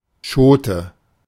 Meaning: 1. pod; hull; husk 2. alternative form of Schot 3. a humorous story; an anecdote
- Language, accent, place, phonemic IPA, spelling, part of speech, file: German, Germany, Berlin, /ˈʃoːtə/, Schote, noun, De-Schote.ogg